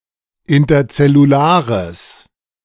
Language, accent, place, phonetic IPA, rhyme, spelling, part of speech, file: German, Germany, Berlin, [ɪntɐt͡sɛluˈlaːʁəs], -aːʁəs, interzellulares, adjective, De-interzellulares.ogg
- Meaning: strong/mixed nominative/accusative neuter singular of interzellular